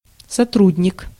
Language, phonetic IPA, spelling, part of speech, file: Russian, [sɐˈtrudʲnʲɪk], сотрудник, noun, Ru-сотрудник.ogg
- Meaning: 1. collaborator, colleague, assistant 2. employee, associate 3. staff